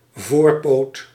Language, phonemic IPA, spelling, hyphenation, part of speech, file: Dutch, /ˈvoːr.poːt/, voorpoot, voor‧poot, noun, Nl-voorpoot.ogg
- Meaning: foreleg (of an animal or of furniture)